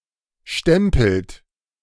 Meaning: inflection of stempeln: 1. third-person singular present 2. second-person plural present 3. plural imperative
- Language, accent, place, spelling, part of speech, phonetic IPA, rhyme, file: German, Germany, Berlin, stempelt, verb, [ˈʃtɛmpl̩t], -ɛmpl̩t, De-stempelt.ogg